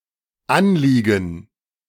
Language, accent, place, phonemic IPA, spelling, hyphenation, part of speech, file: German, Germany, Berlin, /ˈanˌliːɡən/, anliegen, an‧lie‧gen, verb, De-anliegen.ogg
- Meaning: 1. to lie close (to some implied surface), to touch, to fit (tightly) 2. to abut, to be adjacent 3. to be applied 4. to steer (in a particular direction)